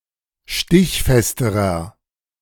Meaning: inflection of stichfest: 1. strong/mixed nominative masculine singular comparative degree 2. strong genitive/dative feminine singular comparative degree 3. strong genitive plural comparative degree
- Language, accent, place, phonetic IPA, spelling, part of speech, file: German, Germany, Berlin, [ˈʃtɪçˌfɛstəʁɐ], stichfesterer, adjective, De-stichfesterer.ogg